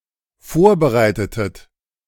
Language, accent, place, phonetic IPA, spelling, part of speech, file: German, Germany, Berlin, [ˈfoːɐ̯bəˌʁaɪ̯tətət], vorbereitetet, verb, De-vorbereitetet.ogg
- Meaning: inflection of vorbereiten: 1. second-person plural dependent preterite 2. second-person plural dependent subjunctive II